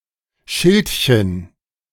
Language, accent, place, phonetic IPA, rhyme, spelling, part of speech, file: German, Germany, Berlin, [ˈʃɪltçən], -ɪltçən, Schildchen, noun, De-Schildchen.ogg
- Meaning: 1. diminutive of Schild 2. label; tag; generally applicable, but used especially of the sewn-in tags in clothes 3. scutellum